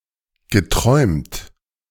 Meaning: past participle of träumen
- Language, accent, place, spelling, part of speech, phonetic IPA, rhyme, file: German, Germany, Berlin, geträumt, verb, [ɡəˈtʁɔɪ̯mt], -ɔɪ̯mt, De-geträumt.ogg